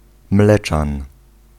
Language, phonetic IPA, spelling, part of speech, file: Polish, [ˈmlɛt͡ʃãn], mleczan, noun, Pl-mleczan.ogg